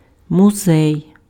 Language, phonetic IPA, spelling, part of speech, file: Ukrainian, [mʊˈzɛi̯], музей, noun, Uk-музей.ogg
- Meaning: museum